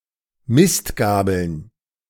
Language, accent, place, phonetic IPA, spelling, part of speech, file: German, Germany, Berlin, [ˈmɪstˌɡaːbl̩n], Mistgabeln, noun, De-Mistgabeln.ogg
- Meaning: plural of Mistgabel